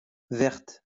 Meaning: feminine singular of vert
- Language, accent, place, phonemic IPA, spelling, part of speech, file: French, France, Lyon, /vɛʁt/, verte, adjective, LL-Q150 (fra)-verte.wav